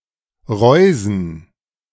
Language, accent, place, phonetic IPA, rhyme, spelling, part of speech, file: German, Germany, Berlin, [ˈʁɔɪ̯zn̩], -ɔɪ̯zn̩, Reusen, noun, De-Reusen.ogg
- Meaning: plural of Reuse